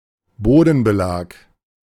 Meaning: flooring
- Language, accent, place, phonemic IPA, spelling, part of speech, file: German, Germany, Berlin, /ˈboːdn̩bəˌlaːk/, Bodenbelag, noun, De-Bodenbelag.ogg